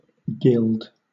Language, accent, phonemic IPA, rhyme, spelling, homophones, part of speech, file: English, Southern England, /ɡɪld/, -ɪld, gild, gilled / guild, verb / noun, LL-Q1860 (eng)-gild.wav
- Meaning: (verb) 1. To cover with a thin layer of gold; to cover with gold leaf 2. To adorn 3. To decorate with a golden surface appearance 4. To give a bright or pleasing aspect to